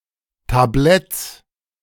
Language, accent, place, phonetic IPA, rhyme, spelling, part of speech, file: German, Germany, Berlin, [taˈblɛt͡s], -ɛt͡s, Tabletts, noun, De-Tabletts.ogg
- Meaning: plural of Tablett